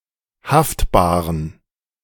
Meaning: inflection of haftbar: 1. strong genitive masculine/neuter singular 2. weak/mixed genitive/dative all-gender singular 3. strong/weak/mixed accusative masculine singular 4. strong dative plural
- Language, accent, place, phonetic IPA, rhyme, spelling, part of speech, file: German, Germany, Berlin, [ˈhaftbaːʁən], -aftbaːʁən, haftbaren, adjective, De-haftbaren.ogg